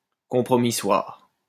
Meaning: compromissorial
- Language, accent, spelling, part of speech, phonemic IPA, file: French, France, compromissoire, adjective, /kɔ̃.pʁɔ.mi.swaʁ/, LL-Q150 (fra)-compromissoire.wav